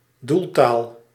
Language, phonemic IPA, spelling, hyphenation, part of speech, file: Dutch, /ˈdulˌtaːl/, doeltaal, doel‧taal, noun, Nl-doeltaal.ogg
- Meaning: target language